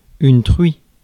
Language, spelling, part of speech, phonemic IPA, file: French, truie, noun, /tʁɥi/, Fr-truie.ogg
- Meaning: 1. sow (female pig) 2. unclean woman